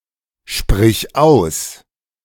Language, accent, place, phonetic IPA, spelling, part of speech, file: German, Germany, Berlin, [ˌʃpʁɪç ˈaʊ̯s], sprich aus, verb, De-sprich aus.ogg
- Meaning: singular imperative of aussprechen